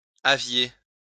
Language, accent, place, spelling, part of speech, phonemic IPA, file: French, France, Lyon, aviez, verb, /a.vje/, LL-Q150 (fra)-aviez.wav
- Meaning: second-person plural imperfect indicative of avoir